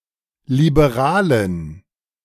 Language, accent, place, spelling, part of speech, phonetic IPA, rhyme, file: German, Germany, Berlin, Liberalen, noun, [libeˈʁaːlən], -aːlən, De-Liberalen.ogg
- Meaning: dative plural of Liberaler